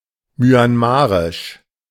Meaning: Myanmarese, Burmese
- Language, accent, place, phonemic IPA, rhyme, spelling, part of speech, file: German, Germany, Berlin, /mjanˈmaːʁɪʃ/, -aːʁɪʃ, myanmarisch, adjective, De-myanmarisch.ogg